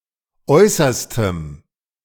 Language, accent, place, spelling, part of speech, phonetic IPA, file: German, Germany, Berlin, äußerstem, adjective, [ˈɔɪ̯sɐstəm], De-äußerstem.ogg
- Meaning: strong dative masculine/neuter singular of äußerste